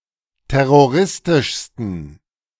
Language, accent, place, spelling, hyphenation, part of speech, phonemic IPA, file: German, Germany, Berlin, terroristischsten, ter‧ro‧ris‧tisch‧sten, adjective, /ˌtɛʁoˈʁɪstɪʃstən/, De-terroristischsten.ogg
- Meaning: 1. superlative degree of terroristisch 2. inflection of terroristisch: strong genitive masculine/neuter singular superlative degree